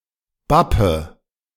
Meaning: inflection of bappen: 1. first-person singular present 2. first/third-person singular subjunctive I 3. singular imperative
- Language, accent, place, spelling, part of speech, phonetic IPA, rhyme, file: German, Germany, Berlin, bappe, verb, [ˈbapə], -apə, De-bappe.ogg